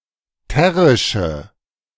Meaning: inflection of terrisch: 1. strong/mixed nominative/accusative feminine singular 2. strong nominative/accusative plural 3. weak nominative all-gender singular
- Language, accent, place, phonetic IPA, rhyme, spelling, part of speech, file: German, Germany, Berlin, [ˈtɛʁɪʃə], -ɛʁɪʃə, terrische, adjective, De-terrische.ogg